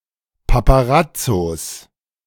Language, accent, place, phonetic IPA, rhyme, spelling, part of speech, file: German, Germany, Berlin, [papaˈʁat͡sos], -at͡sos, Paparazzos, noun, De-Paparazzos.ogg
- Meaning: genitive singular of Paparazzo